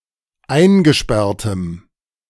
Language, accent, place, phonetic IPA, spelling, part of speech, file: German, Germany, Berlin, [ˈaɪ̯nɡəˌʃpɛʁtəm], eingesperrtem, adjective, De-eingesperrtem.ogg
- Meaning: strong dative masculine/neuter singular of eingesperrt